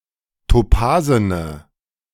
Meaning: inflection of topasen: 1. strong/mixed nominative/accusative feminine singular 2. strong nominative/accusative plural 3. weak nominative all-gender singular 4. weak accusative feminine/neuter singular
- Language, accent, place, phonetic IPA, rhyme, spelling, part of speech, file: German, Germany, Berlin, [toˈpaːzənə], -aːzənə, topasene, adjective, De-topasene.ogg